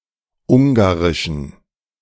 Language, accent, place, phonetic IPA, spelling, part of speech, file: German, Germany, Berlin, [ˈʊŋɡaʁɪʃn̩], ungarischen, adjective, De-ungarischen.ogg
- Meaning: inflection of ungarisch: 1. strong genitive masculine/neuter singular 2. weak/mixed genitive/dative all-gender singular 3. strong/weak/mixed accusative masculine singular 4. strong dative plural